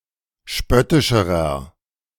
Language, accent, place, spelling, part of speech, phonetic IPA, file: German, Germany, Berlin, spöttischerer, adjective, [ˈʃpœtɪʃəʁɐ], De-spöttischerer.ogg
- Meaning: inflection of spöttisch: 1. strong/mixed nominative masculine singular comparative degree 2. strong genitive/dative feminine singular comparative degree 3. strong genitive plural comparative degree